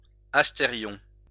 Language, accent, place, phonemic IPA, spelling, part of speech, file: French, France, Lyon, /as.te.ʁjɔ̃/, astérion, noun, LL-Q150 (fra)-astérion.wav
- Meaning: asterion